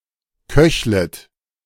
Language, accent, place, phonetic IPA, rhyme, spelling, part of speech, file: German, Germany, Berlin, [ˈkœçlət], -œçlət, köchlet, verb, De-köchlet.ogg
- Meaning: second-person plural subjunctive I of köcheln